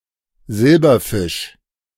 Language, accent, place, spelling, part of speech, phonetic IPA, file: German, Germany, Berlin, Silberfisch, noun, [ˈzɪlbɐˌfɪʃ], De-Silberfisch.ogg
- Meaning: 1. different kinds of silver-coloured fish 2. alternative form of Silberfischchen (“silverfish (the insect)”)